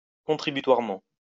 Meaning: contributively
- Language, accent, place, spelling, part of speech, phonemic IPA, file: French, France, Lyon, contributoirement, adverb, /kɔ̃.tʁi.by.twaʁ.mɑ̃/, LL-Q150 (fra)-contributoirement.wav